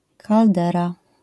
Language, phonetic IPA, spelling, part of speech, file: Polish, [kalˈdɛra], kaldera, noun, LL-Q809 (pol)-kaldera.wav